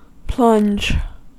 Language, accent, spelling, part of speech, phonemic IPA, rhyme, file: English, US, plunge, verb / noun, /plʌnd͡ʒ/, -ʌndʒ, En-us-plunge.ogg
- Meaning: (verb) 1. To thrust into liquid, or into any penetrable substance; to immerse 2. To cast, stab or throw deep and fast into some thing, state, condition or action 3. To baptize by immersion